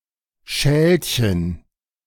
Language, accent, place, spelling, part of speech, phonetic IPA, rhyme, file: German, Germany, Berlin, Schälchen, noun, [ˈʃɛːlçən], -ɛːlçən, De-Schälchen.ogg
- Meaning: diminutive of Schale (“bowl”)